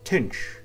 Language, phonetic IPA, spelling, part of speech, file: Kabardian, [tənʃ], тынш, adjective, Tənʃ.ogg
- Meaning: easy